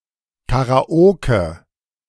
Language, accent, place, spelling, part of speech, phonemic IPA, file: German, Germany, Berlin, Karaoke, noun, /ˌkaʁaˈoːkə/, De-Karaoke.ogg
- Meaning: karaoke (form of entertainment; an individual performance or session of it)